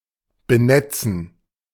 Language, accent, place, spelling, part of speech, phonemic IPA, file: German, Germany, Berlin, benetzen, verb, /bəˈnɛt͡sən/, De-benetzen.ogg
- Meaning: to moisten; to wet (a surface)